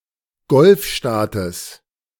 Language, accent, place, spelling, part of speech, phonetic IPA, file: German, Germany, Berlin, Golfstaates, noun, [ˈɡɔlfˌʃtaːtəs], De-Golfstaates.ogg
- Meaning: genitive singular of Golfstaat